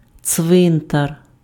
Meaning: cemetery, graveyard
- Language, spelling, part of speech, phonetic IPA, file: Ukrainian, цвинтар, noun, [ˈt͡sʋɪntɐr], Uk-цвинтар.ogg